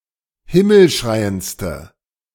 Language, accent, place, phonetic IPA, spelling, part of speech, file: German, Germany, Berlin, [ˈhɪml̩ˌʃʁaɪ̯ənt͡stə], himmelschreiendste, adjective, De-himmelschreiendste.ogg
- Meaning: inflection of himmelschreiend: 1. strong/mixed nominative/accusative feminine singular superlative degree 2. strong nominative/accusative plural superlative degree